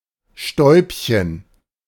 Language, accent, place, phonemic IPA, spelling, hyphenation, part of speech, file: German, Germany, Berlin, /ˈʃtɔɪ̯pçən/, Stäubchen, Stäub‧chen, noun, De-Stäubchen.ogg
- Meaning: diminutive of Staub; a speck of dust